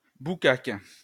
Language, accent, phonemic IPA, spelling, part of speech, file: French, France, /bu.kak/, boucaque, noun, LL-Q150 (fra)-boucaque.wav
- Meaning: nigger, sand nigger